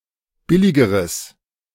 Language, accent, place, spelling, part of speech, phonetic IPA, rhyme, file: German, Germany, Berlin, billigeres, adjective, [ˈbɪlɪɡəʁəs], -ɪlɪɡəʁəs, De-billigeres.ogg
- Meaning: strong/mixed nominative/accusative neuter singular comparative degree of billig